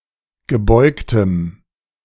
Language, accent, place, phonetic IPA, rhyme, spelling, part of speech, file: German, Germany, Berlin, [ɡəˈbɔɪ̯ktəm], -ɔɪ̯ktəm, gebeugtem, adjective, De-gebeugtem.ogg
- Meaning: strong dative masculine/neuter singular of gebeugt